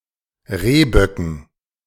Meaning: dative plural of Rehbock
- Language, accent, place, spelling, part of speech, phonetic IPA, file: German, Germany, Berlin, Rehböcken, noun, [ˈʁeːˌbœkn̩], De-Rehböcken.ogg